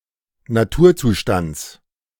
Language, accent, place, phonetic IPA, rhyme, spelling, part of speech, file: German, Germany, Berlin, [naˈtuːɐ̯ˌt͡suːʃtant͡s], -uːɐ̯t͡suːʃtant͡s, Naturzustands, noun, De-Naturzustands.ogg
- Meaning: genitive of Naturzustand